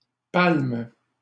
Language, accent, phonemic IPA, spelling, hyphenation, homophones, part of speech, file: French, Canada, /palm/, palmes, palmes, palme / palment, noun / verb, LL-Q150 (fra)-palmes.wav
- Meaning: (noun) plural of palme; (verb) second-person singular present indicative/subjunctive of palmer